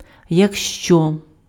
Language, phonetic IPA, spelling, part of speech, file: Ukrainian, [jɐkʃˈt͡ʃɔ], якщо, conjunction, Uk-якщо.ogg
- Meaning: if, in case introduces a real condition; for unreal conditions, see якби (jakby)